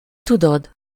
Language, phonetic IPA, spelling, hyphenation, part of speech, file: Hungarian, [ˈtudod], tudod, tu‧dod, verb, Hu-tudod.ogg
- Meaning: second-person singular indicative present definite of tud